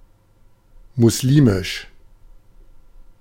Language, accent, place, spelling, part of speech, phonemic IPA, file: German, Germany, Berlin, muslimisch, adjective, /mʊsˈliːmɪʃ/, De-muslimisch.ogg
- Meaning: Muslim, Islamic